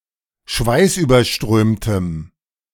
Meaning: strong dative masculine/neuter singular of schweißüberströmt
- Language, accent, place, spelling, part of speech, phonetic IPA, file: German, Germany, Berlin, schweißüberströmtem, adjective, [ˈʃvaɪ̯sʔyːbɐˌʃtʁøːmtəm], De-schweißüberströmtem.ogg